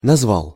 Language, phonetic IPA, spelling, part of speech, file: Russian, [nɐzˈvaɫ], назвал, verb, Ru-назвал.ogg
- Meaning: masculine singular past indicative perfective of назва́ть (nazvátʹ)